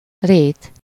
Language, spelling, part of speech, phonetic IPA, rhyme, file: Hungarian, rét, noun, [ˈreːt], -eːt, Hu-rét.ogg
- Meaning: 1. meadow, grassland 2. flatland 3. marsh 4. layer, ply, stratum 5. pleat, fold 6. sheet of folded material (as the last suffix-like component of a compound word)